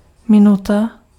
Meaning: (noun) 1. minute (unit of time) 2. minute (unit of angular measure); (verb) inflection of minout: 1. feminine singular passive participle 2. neuter plural passive participle
- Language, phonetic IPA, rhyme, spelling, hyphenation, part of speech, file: Czech, [ˈmɪnuta], -uta, minuta, mi‧nu‧ta, noun / verb, Cs-minuta.ogg